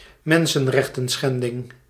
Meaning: human rights violation
- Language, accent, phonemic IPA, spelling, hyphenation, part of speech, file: Dutch, Netherlands, /ˈmɛn.sə(n)ˌrɛx.tə(n)ˈsxɛn.dɪŋ/, mensenrechtenschending, men‧sen‧rech‧ten‧schen‧ding, noun, Nl-mensenrechtenschending.ogg